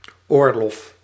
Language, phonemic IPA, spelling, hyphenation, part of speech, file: Dutch, /ˈoːr.lɔf/, oorlof, oor‧lof, noun / interjection, Nl-oorlof.ogg
- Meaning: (noun) 1. furlough 2. permission 3. vacation; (interjection) farewell, goodbye